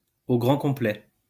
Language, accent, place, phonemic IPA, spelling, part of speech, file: French, France, Lyon, /o ɡʁɑ̃ kɔ̃.plɛ/, au grand complet, adjective, LL-Q150 (fra)-au grand complet.wav
- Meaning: alternative form of au complet